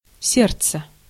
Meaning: 1. heart 2. temper 3. anger 4. darling, love, sweetheart
- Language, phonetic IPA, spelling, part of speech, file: Russian, [ˈsʲert͡s(ː)ə], сердце, noun, Ru-сердце.ogg